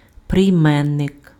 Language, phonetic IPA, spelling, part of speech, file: Ukrainian, [prei̯ˈmɛnːek], прийменник, noun, Uk-прийменник.ogg
- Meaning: preposition